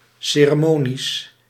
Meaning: ceremonial, ceremonious
- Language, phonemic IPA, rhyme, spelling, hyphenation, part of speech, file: Dutch, /ˌseː.rə.moː.niˈøːs/, -øːs, ceremonieus, ce‧re‧mo‧ni‧eus, adjective, Nl-ceremonieus.ogg